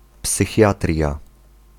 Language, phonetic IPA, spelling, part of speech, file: Polish, [psɨˈxʲjatrʲja], psychiatria, noun, Pl-psychiatria.ogg